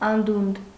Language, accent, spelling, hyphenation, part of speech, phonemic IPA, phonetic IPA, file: Armenian, Eastern Armenian, անդունդ, ան‧դունդ, noun, /ɑnˈdund/, [ɑndúnd], Hy-անդունդ.ogg
- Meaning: abyss, precipice, chasm